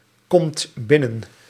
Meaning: inflection of binnenkomen: 1. second/third-person singular present indicative 2. plural imperative
- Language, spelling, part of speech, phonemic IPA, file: Dutch, komt binnen, verb, /ˈkɔmt ˈbɪnən/, Nl-komt binnen.ogg